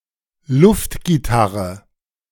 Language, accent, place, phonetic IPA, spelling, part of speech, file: German, Germany, Berlin, [ˈlʊftɡiˌtaʁə], Luftgitarre, noun, De-Luftgitarre.ogg
- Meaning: air guitar